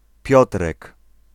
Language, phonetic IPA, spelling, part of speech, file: Polish, [ˈpʲjɔtrɛk], Piotrek, proper noun, Pl-Piotrek.ogg